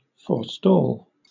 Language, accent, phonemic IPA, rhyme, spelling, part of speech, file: English, Southern England, /fɔː(ɹ)ˈstɔːl/, -ɔːl, forestall, verb, LL-Q1860 (eng)-forestall.wav
- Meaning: 1. To prevent, delay or hinder something by taking precautionary or anticipatory measures; to avert 2. To preclude or bar from happening, render impossible